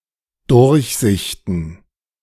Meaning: plural of Durchsicht
- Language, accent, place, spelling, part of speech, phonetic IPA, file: German, Germany, Berlin, Durchsichten, noun, [ˈdʊʁçˌzɪçtn̩], De-Durchsichten.ogg